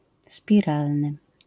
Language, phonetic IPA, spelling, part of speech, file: Polish, [spʲiˈralnɨ], spiralny, adjective, LL-Q809 (pol)-spiralny.wav